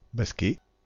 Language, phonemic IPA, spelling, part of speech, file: French, /bas.kɛ/, basquais, adjective, Fr-basquais.ogg
- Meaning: Basque (style)